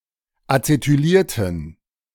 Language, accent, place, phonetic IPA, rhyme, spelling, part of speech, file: German, Germany, Berlin, [at͡setyˈliːɐ̯tn̩], -iːɐ̯tn̩, acetylierten, adjective / verb, De-acetylierten.ogg
- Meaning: inflection of acetyliert: 1. strong genitive masculine/neuter singular 2. weak/mixed genitive/dative all-gender singular 3. strong/weak/mixed accusative masculine singular 4. strong dative plural